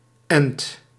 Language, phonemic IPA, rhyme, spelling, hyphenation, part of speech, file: Dutch, /ɛnt/, -ɛnt, end, end, noun, Nl-end.ogg
- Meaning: alternative form of eind